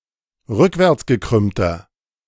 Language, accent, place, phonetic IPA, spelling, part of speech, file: German, Germany, Berlin, [ˈʁʏkvɛʁt͡sɡəˌkʁʏmtɐ], rückwärtsgekrümmter, adjective, De-rückwärtsgekrümmter.ogg
- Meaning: inflection of rückwärtsgekrümmt: 1. strong/mixed nominative masculine singular 2. strong genitive/dative feminine singular 3. strong genitive plural